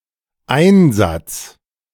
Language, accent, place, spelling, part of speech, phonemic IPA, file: German, Germany, Berlin, Einsatz, noun, /ˈaɪ̯nzats/, De-Einsatz.ogg
- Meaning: 1. something inserted, inset, inlay, compartment 2. insertion 3. use, usage, employment 4. mission, campaign, deployment 5. appearance (instance of playing for a team) 6. effort, commitment